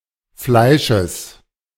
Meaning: genitive singular of Fleisch
- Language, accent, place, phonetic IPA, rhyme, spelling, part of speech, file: German, Germany, Berlin, [ˈflaɪ̯ʃəs], -aɪ̯ʃəs, Fleisches, noun, De-Fleisches.ogg